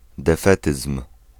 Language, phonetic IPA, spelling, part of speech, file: Polish, [dɛˈfɛtɨsm̥], defetyzm, noun, Pl-defetyzm.ogg